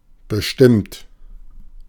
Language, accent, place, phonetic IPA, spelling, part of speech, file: German, Germany, Berlin, [bəˈʃtɪmt], bestimmt, verb / adjective / adverb, De-bestimmt.ogg
- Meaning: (verb) past participle of bestimmen (“to determine”); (adjective) 1. certain 2. determined 3. definite; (adverb) certainly, definitely; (verb) inflection of bestimmen: third-person singular present